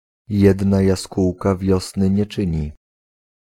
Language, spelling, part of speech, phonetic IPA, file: Polish, jedna jaskółka wiosny nie czyni, proverb, [ˈjɛdna jaˈskuwka ˈvʲjɔsnɨ ɲɛ‿ˈt͡ʃɨ̃ɲi], Pl-jedna jaskółka wiosny nie czyni.ogg